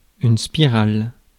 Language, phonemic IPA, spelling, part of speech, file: French, /spi.ʁal/, spirale, adjective / noun / verb, Fr-spirale.ogg
- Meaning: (adjective) feminine singular of spiral; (noun) spiral; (verb) inflection of spiraler: 1. first/third-person singular present indicative/subjunctive 2. second-person singular imperative